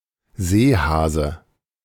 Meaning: 1. lumpsucker (scorpaeniform fish) 2. sea hare
- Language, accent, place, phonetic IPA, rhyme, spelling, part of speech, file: German, Germany, Berlin, [ˈzeːˌhaːzə], -eːhaːzə, Seehase, noun, De-Seehase.ogg